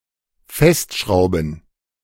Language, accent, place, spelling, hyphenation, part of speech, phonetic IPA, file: German, Germany, Berlin, festschrauben, fest‧schrau‧ben, verb, [ˈfɛstˌʃʁaʊ̯bn̩], De-festschrauben.ogg
- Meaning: to screw (tight)